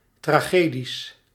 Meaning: plural of tragedie
- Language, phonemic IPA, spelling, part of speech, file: Dutch, /traˈɣedis/, tragedies, noun, Nl-tragedies.ogg